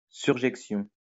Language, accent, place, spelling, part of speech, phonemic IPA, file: French, France, Lyon, surjection, noun, /syʁ.ʒɛk.sjɔ̃/, LL-Q150 (fra)-surjection.wav
- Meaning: surjection